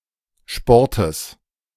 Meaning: genitive singular of Sport
- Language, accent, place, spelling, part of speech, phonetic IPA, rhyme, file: German, Germany, Berlin, Sportes, noun, [ˈʃpɔʁtəs], -ɔʁtəs, De-Sportes.ogg